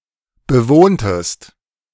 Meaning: inflection of bewohnen: 1. second-person singular preterite 2. second-person singular subjunctive II
- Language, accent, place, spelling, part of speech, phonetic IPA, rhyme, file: German, Germany, Berlin, bewohntest, verb, [bəˈvoːntəst], -oːntəst, De-bewohntest.ogg